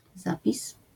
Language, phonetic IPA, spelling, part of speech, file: Polish, [ˈzapʲis], zapis, noun, LL-Q809 (pol)-zapis.wav